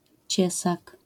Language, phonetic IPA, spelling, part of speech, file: Polish, [ˈt͡ɕɛsak], ciesak, noun, LL-Q809 (pol)-ciesak.wav